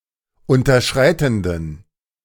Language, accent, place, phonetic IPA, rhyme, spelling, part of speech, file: German, Germany, Berlin, [ˌʊntɐˈʃʁaɪ̯tn̩dən], -aɪ̯tn̩dən, unterschreitenden, adjective, De-unterschreitenden.ogg
- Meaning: inflection of unterschreitend: 1. strong genitive masculine/neuter singular 2. weak/mixed genitive/dative all-gender singular 3. strong/weak/mixed accusative masculine singular 4. strong dative plural